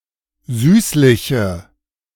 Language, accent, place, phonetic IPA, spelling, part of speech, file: German, Germany, Berlin, [ˈzyːslɪçə], süßliche, adjective, De-süßliche.ogg
- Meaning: inflection of süßlich: 1. strong/mixed nominative/accusative feminine singular 2. strong nominative/accusative plural 3. weak nominative all-gender singular 4. weak accusative feminine/neuter singular